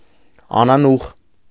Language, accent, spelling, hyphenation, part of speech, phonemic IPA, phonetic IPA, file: Armenian, Eastern Armenian, անանուխ, ա‧նա‧նուխ, noun, /ɑnɑˈnuχ/, [ɑnɑnúχ], Hy-անանուխ.ogg
- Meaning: mint